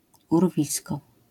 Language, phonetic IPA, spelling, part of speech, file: Polish, [urˈvʲiskɔ], urwisko, noun, LL-Q809 (pol)-urwisko.wav